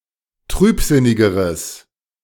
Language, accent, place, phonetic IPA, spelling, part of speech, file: German, Germany, Berlin, [ˈtʁyːpˌzɪnɪɡəʁəs], trübsinnigeres, adjective, De-trübsinnigeres.ogg
- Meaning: strong/mixed nominative/accusative neuter singular comparative degree of trübsinnig